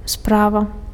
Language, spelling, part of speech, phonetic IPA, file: Belarusian, справа, noun / adverb, [ˈsprava], Be-справа.ogg
- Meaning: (noun) affair, business, matter; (adverb) on the right